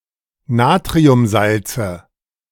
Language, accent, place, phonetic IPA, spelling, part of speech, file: German, Germany, Berlin, [ˈnaːtʁiʊmˌzalt͡sə], Natriumsalze, noun, De-Natriumsalze.ogg
- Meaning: nominative/accusative/genitive plural of Natriumsalz